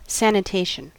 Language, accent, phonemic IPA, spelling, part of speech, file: English, US, /ˌsænɪˈteɪʃən/, sanitation, noun, En-us-sanitation.ogg
- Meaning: 1. The hygienic disposal or recycling of waste 2. The policy and practice of protecting health through hygienic measures